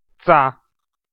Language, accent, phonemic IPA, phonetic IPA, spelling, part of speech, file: Armenian, Eastern Armenian, /t͡sɑ/, [t͡sɑ], ծա, noun, Hy-EA-ծա.ogg
- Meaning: the name of the Armenian letter ծ (c)